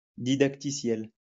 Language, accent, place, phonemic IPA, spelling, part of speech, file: French, France, Lyon, /di.dak.ti.sjɛl/, didacticiel, noun, LL-Q150 (fra)-didacticiel.wav
- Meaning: 1. courseware (educational software) 2. tutorial in software